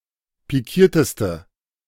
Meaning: inflection of pikiert: 1. strong/mixed nominative/accusative feminine singular superlative degree 2. strong nominative/accusative plural superlative degree
- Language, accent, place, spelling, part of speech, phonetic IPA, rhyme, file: German, Germany, Berlin, pikierteste, adjective, [piˈkiːɐ̯təstə], -iːɐ̯təstə, De-pikierteste.ogg